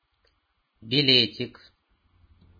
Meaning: endearing diminutive of биле́т (bilét, “ticket”)
- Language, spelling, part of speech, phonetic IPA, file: Russian, билетик, noun, [bʲɪˈlʲetʲɪk], Ru-билетик.ogg